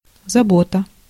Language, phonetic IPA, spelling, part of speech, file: Russian, [zɐˈbotə], забота, noun, Ru-забота.ogg
- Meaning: 1. care 2. concern, anxiety, worry, trouble